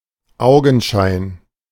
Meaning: appearance
- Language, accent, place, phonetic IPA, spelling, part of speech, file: German, Germany, Berlin, [ˈaʊ̯ɡn̩ˌʃaɪ̯n], Augenschein, noun, De-Augenschein.ogg